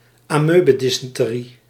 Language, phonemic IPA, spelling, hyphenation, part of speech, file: Dutch, /aːˈmøː.bə.di.sɛn.təˌri/, amoebedysenterie, amoe‧be‧dys‧en‧te‧rie, noun, Nl-amoebedysenterie.ogg
- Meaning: amoebic dysentery